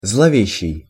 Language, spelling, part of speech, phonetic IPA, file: Russian, зловещий, adjective, [zɫɐˈvʲeɕːɪj], Ru-зловещий.ogg
- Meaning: ominous, ill-boding, sinister